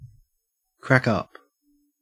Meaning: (verb) To laugh.: 1. To laugh heartily 2. To cause to laugh heartily 3. To tease (someone) or tell jokes at the expense of (someone)
- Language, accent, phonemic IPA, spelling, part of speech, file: English, Australia, /ˈkɹæk ˈʌp/, crack up, verb / adjective, En-au-crack up.ogg